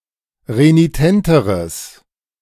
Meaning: strong/mixed nominative/accusative neuter singular comparative degree of renitent
- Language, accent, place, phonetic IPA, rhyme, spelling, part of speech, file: German, Germany, Berlin, [ʁeniˈtɛntəʁəs], -ɛntəʁəs, renitenteres, adjective, De-renitenteres.ogg